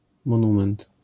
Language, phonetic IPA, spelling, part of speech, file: Polish, [mɔ̃ˈnũmɛ̃nt], monument, noun, LL-Q809 (pol)-monument.wav